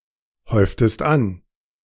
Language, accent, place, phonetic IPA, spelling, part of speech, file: German, Germany, Berlin, [ˌhɔɪ̯ftəst ˈan], häuftest an, verb, De-häuftest an.ogg
- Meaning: inflection of anhäufen: 1. second-person singular preterite 2. second-person singular subjunctive II